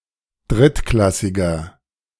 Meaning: inflection of drittklassig: 1. strong/mixed nominative masculine singular 2. strong genitive/dative feminine singular 3. strong genitive plural
- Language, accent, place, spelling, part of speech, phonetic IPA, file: German, Germany, Berlin, drittklassiger, adjective, [ˈdʁɪtˌklasɪɡɐ], De-drittklassiger.ogg